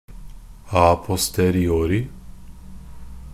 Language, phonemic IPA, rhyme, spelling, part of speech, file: Norwegian Bokmål, /a.pɔstəriˈoːrɪ/, -oːrɪ, a posteriori, adverb, NB - Pronunciation of Norwegian Bokmål «a posteriori».ogg
- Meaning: a posteriori